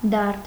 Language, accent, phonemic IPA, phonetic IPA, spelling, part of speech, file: Armenian, Eastern Armenian, /dɑɾd/, [dɑɾd], դարդ, noun, Hy-դարդ.ogg
- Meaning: grief, sorrow, pain; worry, trouble